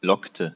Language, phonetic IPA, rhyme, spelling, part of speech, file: German, [ˈlɔktə], -ɔktə, lockte, verb, De-lockte.ogg
- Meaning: inflection of locken: 1. first/third-person singular preterite 2. first/third-person singular subjunctive II